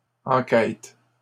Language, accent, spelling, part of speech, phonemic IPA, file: French, Canada, enquêtes, noun, /ɑ̃.kɛt/, LL-Q150 (fra)-enquêtes.wav
- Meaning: plural of enquête